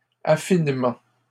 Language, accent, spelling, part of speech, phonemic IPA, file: French, Canada, affinement, noun, /a.fin.mɑ̃/, LL-Q150 (fra)-affinement.wav
- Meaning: refinement